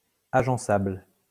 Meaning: arrangeable
- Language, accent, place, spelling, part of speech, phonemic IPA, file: French, France, Lyon, agençable, adjective, /a.ʒɑ̃.sabl/, LL-Q150 (fra)-agençable.wav